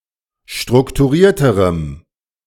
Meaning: strong dative masculine/neuter singular comparative degree of strukturiert
- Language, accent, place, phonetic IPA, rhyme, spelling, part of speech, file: German, Germany, Berlin, [ˌʃtʁʊktuˈʁiːɐ̯təʁəm], -iːɐ̯təʁəm, strukturierterem, adjective, De-strukturierterem.ogg